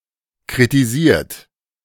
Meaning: 1. past participle of kritisieren 2. inflection of kritisieren: third-person singular present 3. inflection of kritisieren: second-person plural present 4. inflection of kritisieren: plural imperative
- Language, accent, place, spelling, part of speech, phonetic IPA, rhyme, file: German, Germany, Berlin, kritisiert, verb, [kʁitiˈziːɐ̯t], -iːɐ̯t, De-kritisiert.ogg